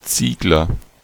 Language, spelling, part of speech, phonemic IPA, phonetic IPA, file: German, Ziegler, noun / proper noun, /ˈtsiːɡlər/, [ˈt͡siː.ɡlɐ], De-Ziegler.ogg
- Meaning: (noun) brickmaker; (proper noun) A common surname